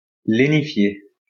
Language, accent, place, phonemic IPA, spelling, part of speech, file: French, France, Lyon, /le.ni.fje/, lénifier, verb, LL-Q150 (fra)-lénifier.wav
- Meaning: to assuage; to lenify